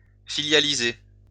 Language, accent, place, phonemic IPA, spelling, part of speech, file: French, France, Lyon, /fi.lja.li.ze/, filialiser, verb, LL-Q150 (fra)-filialiser.wav
- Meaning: 1. to subsidiarize 2. to spin off